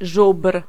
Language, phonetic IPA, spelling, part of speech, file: Polish, [ʒupr̥], żubr, noun, Pl-żubr.ogg